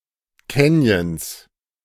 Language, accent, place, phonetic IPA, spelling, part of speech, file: German, Germany, Berlin, [ˈkɛnjəns], Canyons, noun, De-Canyons.ogg
- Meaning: 1. genitive singular of Canyon 2. plural of Canyon